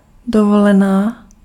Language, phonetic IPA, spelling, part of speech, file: Czech, [ˈdovolɛnaː], dovolená, noun, Cs-dovolená.ogg
- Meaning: vacation (from work)